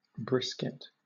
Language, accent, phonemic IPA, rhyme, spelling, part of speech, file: English, Southern England, /ˈbɹɪskɪt/, -ɪskɪt, brisket, noun, LL-Q1860 (eng)-brisket.wav
- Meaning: 1. The chest of an animal 2. A cut of meat taken from the chest, especially from the section under the first five ribs 3. A smoked meat dish made from cow brisket, popular in Texas